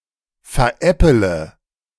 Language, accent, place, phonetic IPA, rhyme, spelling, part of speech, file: German, Germany, Berlin, [fɛɐ̯ˈʔɛpələ], -ɛpələ, veräppele, verb, De-veräppele.ogg
- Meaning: inflection of veräppeln: 1. first-person singular present 2. first-person plural subjunctive I 3. third-person singular subjunctive I 4. singular imperative